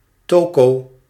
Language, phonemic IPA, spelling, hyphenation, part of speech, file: Dutch, /ˈtoːkoː/, toko, to‧ko, noun, Nl-toko.ogg
- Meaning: 1. a Dutch, otherwise European or Chinese shop 2. a grocery store or supermarket specializing in Southeast Asian (especially Indonesian or Chinese Indonesian) products, which are mostly food items